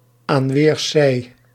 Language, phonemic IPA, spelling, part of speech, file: Dutch, /aːn ˈʋeːr.sɛi̯.də(n)/, aan weerszij, prepositional phrase, Nl-aan weerszij.ogg
- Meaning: 1. on either side 2. on both sides